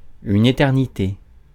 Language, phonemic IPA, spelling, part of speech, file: French, /e.tɛʁ.ni.te/, éternité, noun, Fr-éternité.ogg
- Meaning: 1. eternity 2. a very long time